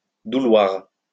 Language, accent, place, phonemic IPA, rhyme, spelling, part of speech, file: French, France, Lyon, /du.lwaʁ/, -waʁ, douloir, verb, LL-Q150 (fra)-douloir.wav
- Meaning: to suffer